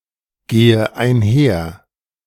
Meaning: inflection of einhergehen: 1. first-person singular present 2. first/third-person singular subjunctive I 3. singular imperative
- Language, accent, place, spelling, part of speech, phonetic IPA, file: German, Germany, Berlin, gehe einher, verb, [ˌɡeːə aɪ̯nˈhɛɐ̯], De-gehe einher.ogg